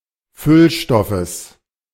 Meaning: genitive singular of Füllstoff
- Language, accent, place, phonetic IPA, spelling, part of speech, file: German, Germany, Berlin, [ˈfʏlˌʃtɔfəs], Füllstoffes, noun, De-Füllstoffes.ogg